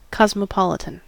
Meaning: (adjective) 1. Inclusive; affecting the whole world 2. Composed of people from all over the world 3. At ease in any part of the world; having a wide experience with many cultures
- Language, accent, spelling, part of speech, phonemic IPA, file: English, US, cosmopolitan, adjective / noun, /ˌkɑz.məˈpɑl.ɪ.tən/, En-us-cosmopolitan.ogg